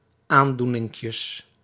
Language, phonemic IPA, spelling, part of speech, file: Dutch, /ˈandunɪŋkjəs/, aandoeninkjes, noun, Nl-aandoeninkjes.ogg
- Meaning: plural of aandoeninkje